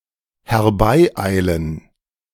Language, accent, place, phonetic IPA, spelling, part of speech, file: German, Germany, Berlin, [hɛʁˈbaɪˌaɪ̯lən], herbeieilen, verb, De-herbeieilen.ogg
- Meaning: to come running